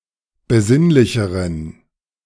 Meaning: inflection of besinnlich: 1. strong genitive masculine/neuter singular comparative degree 2. weak/mixed genitive/dative all-gender singular comparative degree
- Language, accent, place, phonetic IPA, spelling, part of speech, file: German, Germany, Berlin, [bəˈzɪnlɪçəʁən], besinnlicheren, adjective, De-besinnlicheren.ogg